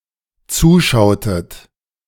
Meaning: inflection of zuschauen: 1. second-person plural dependent preterite 2. second-person plural dependent subjunctive II
- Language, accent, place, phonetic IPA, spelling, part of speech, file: German, Germany, Berlin, [ˈt͡suːˌʃaʊ̯tət], zuschautet, verb, De-zuschautet.ogg